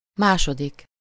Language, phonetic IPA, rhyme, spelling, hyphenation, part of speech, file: Hungarian, [ˈmaːʃodik], -ik, második, má‧so‧dik, numeral, Hu-második.ogg
- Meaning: second